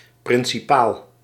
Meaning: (adjective) principal, main; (noun) 1. superior, leader 2. executive of the Dutch East India Company 3. original of an artwork (especially of paintings) 4. main matter, central issue
- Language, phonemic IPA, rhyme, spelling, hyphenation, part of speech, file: Dutch, /ˌprɪn.siˈpaːl/, -aːl, principaal, prin‧ci‧paal, adjective / noun, Nl-principaal.ogg